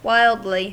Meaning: 1. In a wild, uncontrolled manner 2. To a ridiculous or extreme degree; extremely
- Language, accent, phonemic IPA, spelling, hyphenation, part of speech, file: English, US, /ˈwaɪldli/, wildly, wild‧ly, adverb, En-us-wildly.ogg